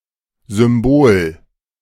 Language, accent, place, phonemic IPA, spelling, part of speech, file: German, Germany, Berlin, /zʏmˈboːl/, Symbol, noun, De-Symbol2.ogg
- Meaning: symbol, icon